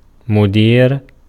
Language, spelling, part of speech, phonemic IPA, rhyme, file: Arabic, مدير, adjective / noun, /mu.diːr/, -iːr, Ar-مدير.ogg
- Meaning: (adjective) active participle of أَدَارَ (ʔadāra); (noun) 1. manager, head, chief, director, administrator, headmaster, boss 2. superintendent, rector 3. conductor